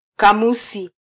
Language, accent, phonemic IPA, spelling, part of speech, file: Swahili, Kenya, /kɑˈmu.si/, kamusi, noun, Sw-ke-kamusi.flac
- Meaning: dictionary (publication that explains the meanings of an ordered list of words)